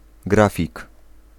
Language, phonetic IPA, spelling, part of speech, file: Polish, [ˈɡrafʲik], grafik, noun, Pl-grafik.ogg